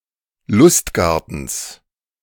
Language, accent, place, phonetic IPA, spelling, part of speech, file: German, Germany, Berlin, [ˈlʊstˌɡaʁtn̩s], Lustgartens, noun, De-Lustgartens.ogg
- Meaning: genitive of Lustgarten